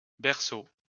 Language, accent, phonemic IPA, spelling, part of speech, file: French, France, /bɛʁ.so/, berceaux, noun, LL-Q150 (fra)-berceaux.wav
- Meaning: plural of berceau